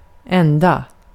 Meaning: 1. only (one, person, thing), sole; also in the masculine form ende 2. a single one
- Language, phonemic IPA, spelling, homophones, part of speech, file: Swedish, /²ɛnda/, enda, ända, pronoun, Sv-enda.ogg